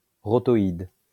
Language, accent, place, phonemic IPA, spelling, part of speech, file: French, France, Lyon, /ʁɔ.tɔ.id/, rotoïde, adjective, LL-Q150 (fra)-rotoïde.wav
- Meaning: rotational